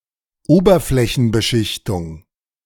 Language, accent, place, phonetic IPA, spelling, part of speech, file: German, Germany, Berlin, [ˈoːbɐflɛçn̩bəˌʃɪçtʊŋ], Oberflächenbeschichtung, noun, De-Oberflächenbeschichtung.ogg
- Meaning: surface coating